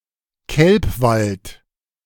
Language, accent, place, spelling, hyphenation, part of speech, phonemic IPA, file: German, Germany, Berlin, Kelpwald, Kelp‧wald, noun, /ˈkɛlpˌvalt/, De-Kelpwald.ogg
- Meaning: kelp forest